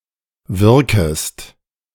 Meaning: second-person singular subjunctive I of wirken
- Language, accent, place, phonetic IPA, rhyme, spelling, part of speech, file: German, Germany, Berlin, [ˈvɪʁkəst], -ɪʁkəst, wirkest, verb, De-wirkest.ogg